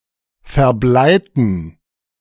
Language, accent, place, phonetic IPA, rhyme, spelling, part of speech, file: German, Germany, Berlin, [fɛɐ̯ˈblaɪ̯tn̩], -aɪ̯tn̩, verbleiten, adjective / verb, De-verbleiten.ogg
- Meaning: inflection of verbleit: 1. strong genitive masculine/neuter singular 2. weak/mixed genitive/dative all-gender singular 3. strong/weak/mixed accusative masculine singular 4. strong dative plural